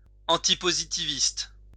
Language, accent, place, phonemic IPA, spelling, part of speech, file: French, France, Lyon, /ɑ̃.ti.po.zi.ti.vist/, antipositiviste, adjective, LL-Q150 (fra)-antipositiviste.wav
- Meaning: antipositivist